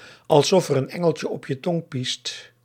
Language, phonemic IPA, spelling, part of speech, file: Dutch, /ɑlsˌɔf ər ən ˈɛ.ŋəl.tjə ˌɔp jə ˈtɔŋ ˈpist/, alsof er een engeltje op je tong piest, phrase, Nl-alsof er een engeltje op je tong piest.ogg
- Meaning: Said of something that is absolutely delicious, in particular of beverages or other fluid foods (desserts, sauces, etc.)